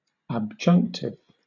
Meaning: Exceptional, isolated, disconnected, separate,
- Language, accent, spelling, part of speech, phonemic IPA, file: English, Southern England, abjunctive, adjective, /æbˈd͡ʒʌŋktɪv/, LL-Q1860 (eng)-abjunctive.wav